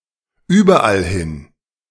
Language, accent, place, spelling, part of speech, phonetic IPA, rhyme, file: German, Germany, Berlin, überallhin, adverb, [ˈyːbɐʔalˈhɪn], -ɪn, De-überallhin.ogg
- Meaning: everywhere